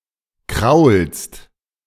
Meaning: second-person singular present of kraulen
- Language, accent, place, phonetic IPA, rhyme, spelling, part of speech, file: German, Germany, Berlin, [kʁaʊ̯lst], -aʊ̯lst, kraulst, verb, De-kraulst.ogg